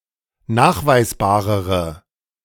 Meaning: inflection of nachweisbar: 1. strong/mixed nominative/accusative feminine singular comparative degree 2. strong nominative/accusative plural comparative degree
- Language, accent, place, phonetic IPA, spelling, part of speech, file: German, Germany, Berlin, [ˈnaːxvaɪ̯sˌbaːʁəʁə], nachweisbarere, adjective, De-nachweisbarere.ogg